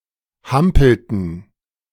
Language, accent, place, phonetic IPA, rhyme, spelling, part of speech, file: German, Germany, Berlin, [ˈhampl̩tn̩], -ampl̩tn̩, hampelten, verb, De-hampelten.ogg
- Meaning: inflection of hampeln: 1. first/third-person plural preterite 2. first/third-person plural subjunctive II